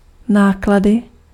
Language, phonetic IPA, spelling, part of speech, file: Czech, [ˈnaːkladɪ], náklady, noun, Cs-náklady.ogg
- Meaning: 1. nominative/accusative/vocative/instrumental plural of náklad 2. cost